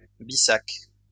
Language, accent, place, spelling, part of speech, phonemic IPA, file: French, France, Lyon, bissac, noun, /bi.sak/, LL-Q150 (fra)-bissac.wav
- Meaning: scrip, shoulder bag, satchel